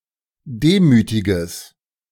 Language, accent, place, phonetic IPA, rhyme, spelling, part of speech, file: German, Germany, Berlin, [ˈdeːmyːtɪɡəs], -eːmyːtɪɡəs, demütiges, adjective, De-demütiges.ogg
- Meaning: strong/mixed nominative/accusative neuter singular of demütig